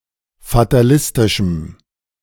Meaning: strong dative masculine/neuter singular of fatalistisch
- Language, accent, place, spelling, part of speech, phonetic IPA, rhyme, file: German, Germany, Berlin, fatalistischem, adjective, [fataˈlɪstɪʃm̩], -ɪstɪʃm̩, De-fatalistischem.ogg